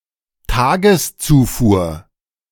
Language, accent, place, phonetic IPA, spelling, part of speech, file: German, Germany, Berlin, [ˈtaːɡəsˌt͡suːfuːɐ̯], Tageszufuhr, noun, De-Tageszufuhr.ogg
- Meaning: daily (dietary) intake